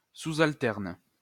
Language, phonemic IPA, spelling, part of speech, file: French, /al.tɛʁn/, alterne, verb, LL-Q150 (fra)-alterne.wav
- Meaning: inflection of alterner: 1. first/third-person singular present indicative/subjunctive 2. second-person singular imperative